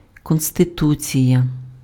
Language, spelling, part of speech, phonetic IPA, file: Ukrainian, конституція, noun, [kɔnsteˈtut͡sʲijɐ], Uk-конституція.ogg
- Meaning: 1. constitution (basic law) 2. constitution (of an organism)